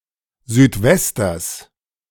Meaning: genitive singular of Südwester
- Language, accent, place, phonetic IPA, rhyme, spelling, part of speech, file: German, Germany, Berlin, [zyːtˈvɛstɐs], -ɛstɐs, Südwesters, noun, De-Südwesters.ogg